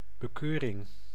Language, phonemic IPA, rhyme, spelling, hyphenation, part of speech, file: Dutch, /bəˈkøː.rɪŋ/, -øːrɪŋ, bekeuring, be‧keu‧ring, noun, Nl-bekeuring.ogg
- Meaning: 1. fine 2. the act of fining